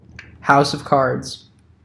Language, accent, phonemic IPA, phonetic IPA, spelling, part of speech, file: English, US, /ˈhaʊs.ʌvˌkɑɹdz/, [ˈhaʊs.ʌvˌkʰɑɹdz], house of cards, noun, En-US-house of cards.ogg
- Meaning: 1. A structure made by stacking playing cards in a pyramidal fashion 2. Any structure with alternating vertical and horizontal layers